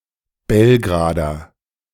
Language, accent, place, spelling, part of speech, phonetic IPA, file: German, Germany, Berlin, Belgrader, noun / adjective, [ˈbɛlɡʁaːdɐ], De-Belgrader.ogg
- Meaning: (noun) a native or inhabitant of Belgrade; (adjective) of Belgrade